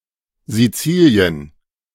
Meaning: Sicily (the largest island in the Mediterranean Sea, an autonomous region of Italy, close to Africa and separated from Tunisia and Libya by the Strait of Sicily)
- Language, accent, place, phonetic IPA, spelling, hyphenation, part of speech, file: German, Germany, Berlin, [ziˈt͡siːliən], Sizilien, Si‧zi‧li‧en, proper noun, De-Sizilien.ogg